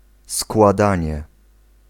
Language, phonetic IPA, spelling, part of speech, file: Polish, [skwaˈdãɲɛ], składanie, noun, Pl-składanie.ogg